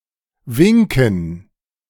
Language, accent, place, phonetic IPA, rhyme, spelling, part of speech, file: German, Germany, Berlin, [ˈvɪŋkn̩], -ɪŋkn̩, Winken, noun, De-Winken.ogg
- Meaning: 1. dative plural of Wink 2. gerund of winken